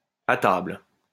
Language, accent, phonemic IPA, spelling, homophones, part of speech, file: French, France, /a.tabl/, attable, attablent / attables, verb, LL-Q150 (fra)-attable.wav
- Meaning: inflection of attabler: 1. first/third-person singular present indicative/subjunctive 2. second-person singular imperative